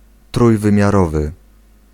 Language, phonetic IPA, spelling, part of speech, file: Polish, [ˌtrujvɨ̃mʲjaˈrɔvɨ], trójwymiarowy, adjective, Pl-trójwymiarowy.ogg